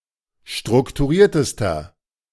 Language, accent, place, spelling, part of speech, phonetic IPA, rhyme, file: German, Germany, Berlin, strukturiertester, adjective, [ˌʃtʁʊktuˈʁiːɐ̯təstɐ], -iːɐ̯təstɐ, De-strukturiertester.ogg
- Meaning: inflection of strukturiert: 1. strong/mixed nominative masculine singular superlative degree 2. strong genitive/dative feminine singular superlative degree 3. strong genitive plural superlative degree